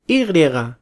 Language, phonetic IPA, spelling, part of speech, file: Spanish, [ˈi ˈɣ̞ɾjeɣ̞a], i griega, phrase, Letter y es es.flac